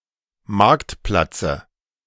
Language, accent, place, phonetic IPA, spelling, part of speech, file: German, Germany, Berlin, [ˈmaʁktˌplat͡sə], Marktplatze, noun, De-Marktplatze.ogg
- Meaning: dative singular of Marktplatz